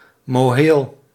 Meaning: mohel
- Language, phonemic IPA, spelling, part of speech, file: Dutch, /moːˈɦeːl/, moheel, noun, Nl-moheel.ogg